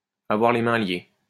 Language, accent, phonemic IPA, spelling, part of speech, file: French, France, /a.vwaʁ le mɛ̃ lje/, avoir les mains liées, verb, LL-Q150 (fra)-avoir les mains liées.wav
- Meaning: to have one's hands tied